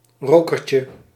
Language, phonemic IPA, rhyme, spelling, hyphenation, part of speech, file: Dutch, /ˈroː.kər.tjə/, -oːkərtjə, rokertje, ro‧ker‧tje, noun, Nl-rokertje.ogg
- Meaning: 1. a smoke, a tobacco product that is smoked: cigar 2. a smoke, a tobacco product that is smoked: cigarette 3. diminutive of roker